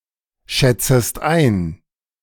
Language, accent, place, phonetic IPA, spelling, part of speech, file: German, Germany, Berlin, [ˌʃɛt͡səst ˈaɪ̯n], schätzest ein, verb, De-schätzest ein.ogg
- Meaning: second-person singular subjunctive I of einschätzen